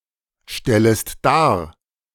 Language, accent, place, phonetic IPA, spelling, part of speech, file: German, Germany, Berlin, [ˌʃtɛləst ˈdaːɐ̯], stellest dar, verb, De-stellest dar.ogg
- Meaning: second-person singular subjunctive I of darstellen